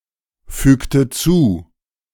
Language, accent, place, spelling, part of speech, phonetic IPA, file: German, Germany, Berlin, fügte zu, verb, [ˌfyːktə ˈt͡suː], De-fügte zu.ogg
- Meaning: inflection of zufügen: 1. first/third-person singular preterite 2. first/third-person singular subjunctive II